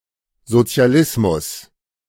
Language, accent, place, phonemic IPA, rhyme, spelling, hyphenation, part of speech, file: German, Germany, Berlin, /ˌzo(ː).t͡si̯a.ˈlɪs.mʊs/, -ɪsmʊs, Sozialismus, So‧zi‧a‧lis‧mus, noun, De-Sozialismus.ogg
- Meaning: socialism